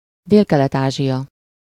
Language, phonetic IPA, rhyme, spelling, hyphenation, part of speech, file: Hungarian, [ˈdeːlkɛlɛtaːʒijɒ], -jɒ, Délkelet-Ázsia, Dél‧ke‧let-Ázsia, proper noun, Hu-Délkelet-Ázsia.ogg
- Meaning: Southeast Asia (a geographic region of Asia, comprising the territories of Brunei, Cambodia, East Timor, Indonesia, Laos, Malaysia, Myanmar (Burma), the Philippines, Singapore, Thailand, and Vietnam)